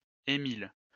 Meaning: a male given name from Latin Aemilius, equivalent to English Emil or Emile
- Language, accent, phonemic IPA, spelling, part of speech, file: French, France, /e.mil/, Émile, proper noun, LL-Q150 (fra)-Émile.wav